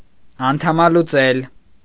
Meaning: 1. to paralyze 2. to amputate, to dismember 3. to disrupt, to frustrate, to ruin
- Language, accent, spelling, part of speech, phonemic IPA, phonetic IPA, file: Armenian, Eastern Armenian, անդամալուծել, verb, /ɑntʰɑmɑluˈt͡sel/, [ɑntʰɑmɑlut͡sél], Hy-անդամալուծել.ogg